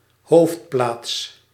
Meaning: 1. the most important place in a region, such as a capital, seat of government, or of industry 2. an important place in a region
- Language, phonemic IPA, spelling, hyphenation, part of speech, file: Dutch, /ˈɦoːft.plaːts/, hoofdplaats, hoofd‧plaats, noun, Nl-hoofdplaats.ogg